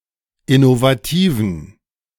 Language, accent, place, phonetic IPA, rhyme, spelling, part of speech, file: German, Germany, Berlin, [ɪnovaˈtiːvn̩], -iːvn̩, innovativen, adjective, De-innovativen.ogg
- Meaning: inflection of innovativ: 1. strong genitive masculine/neuter singular 2. weak/mixed genitive/dative all-gender singular 3. strong/weak/mixed accusative masculine singular 4. strong dative plural